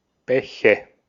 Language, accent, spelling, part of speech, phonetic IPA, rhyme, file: German, Austria, Bäche, noun, [ˈbɛçə], -ɛçə, De-at-Bäche.ogg
- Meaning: nominative/accusative/genitive plural of Bach